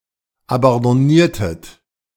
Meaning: inflection of abandonnieren: 1. second-person plural preterite 2. second-person plural subjunctive II
- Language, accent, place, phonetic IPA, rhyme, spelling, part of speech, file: German, Germany, Berlin, [abɑ̃dɔˈniːɐ̯tət], -iːɐ̯tət, abandonniertet, verb, De-abandonniertet.ogg